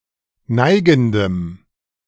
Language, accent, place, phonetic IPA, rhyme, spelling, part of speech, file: German, Germany, Berlin, [ˈnaɪ̯ɡn̩dəm], -aɪ̯ɡn̩dəm, neigendem, adjective, De-neigendem.ogg
- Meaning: strong dative masculine/neuter singular of neigend